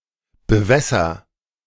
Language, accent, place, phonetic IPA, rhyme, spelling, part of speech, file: German, Germany, Berlin, [bəˈvɛsɐ], -ɛsɐ, bewässer, verb, De-bewässer.ogg
- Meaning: inflection of bewässern: 1. first-person singular present 2. singular imperative